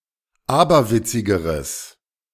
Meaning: strong/mixed nominative/accusative neuter singular comparative degree of aberwitzig
- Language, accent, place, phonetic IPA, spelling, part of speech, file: German, Germany, Berlin, [ˈaːbɐˌvɪt͡sɪɡəʁəs], aberwitzigeres, adjective, De-aberwitzigeres.ogg